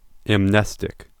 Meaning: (adjective) Synonym of amnesic (adjective); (noun) Synonym of amnesic (noun)
- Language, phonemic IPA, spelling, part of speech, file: English, /æmˈnɛs.tɪk/, amnestic, adjective / noun, En-us-amnestic.ogg